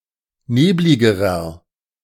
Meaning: inflection of neblig: 1. strong/mixed nominative masculine singular comparative degree 2. strong genitive/dative feminine singular comparative degree 3. strong genitive plural comparative degree
- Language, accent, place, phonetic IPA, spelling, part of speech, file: German, Germany, Berlin, [ˈneːblɪɡəʁɐ], nebligerer, adjective, De-nebligerer.ogg